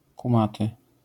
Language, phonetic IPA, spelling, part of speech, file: Polish, [kũˈmatɨ], kumaty, adjective, LL-Q809 (pol)-kumaty.wav